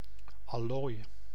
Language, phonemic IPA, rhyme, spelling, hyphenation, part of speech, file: Dutch, /ɑˈloːi̯/, -oːi̯, allooi, al‧looi, noun, Nl-allooi.ogg
- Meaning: 1. quality, level, type, kind 2. the proportion of noble metal in an alloy compare to non-noble metals 3. an alloy